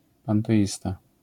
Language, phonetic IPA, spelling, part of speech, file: Polish, [ˌpãntɛˈʲista], panteista, noun, LL-Q809 (pol)-panteista.wav